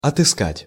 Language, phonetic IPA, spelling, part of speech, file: Russian, [ɐtɨˈskatʲ], отыскать, verb, Ru-отыскать.ogg
- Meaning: 1. to find, to track down 2. to look up, to search